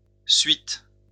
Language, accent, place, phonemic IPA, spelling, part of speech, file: French, France, Lyon, /sɥit/, suites, noun, LL-Q150 (fra)-suites.wav
- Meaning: plural of suite